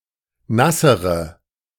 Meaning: inflection of nass: 1. strong/mixed nominative/accusative feminine singular comparative degree 2. strong nominative/accusative plural comparative degree
- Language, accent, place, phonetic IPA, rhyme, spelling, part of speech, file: German, Germany, Berlin, [ˈnasəʁə], -asəʁə, nassere, adjective, De-nassere.ogg